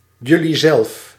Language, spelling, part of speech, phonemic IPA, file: Dutch, julliezelf, pronoun, /ˌjʏliˈzɛlᵊf/, Nl-julliezelf.ogg
- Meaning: yourselves